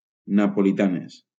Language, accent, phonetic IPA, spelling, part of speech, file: Catalan, Valencia, [na.po.liˈta.nes], napolitanes, adjective / noun, LL-Q7026 (cat)-napolitanes.wav
- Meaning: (adjective) feminine plural of napolità; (noun) plural of napolitana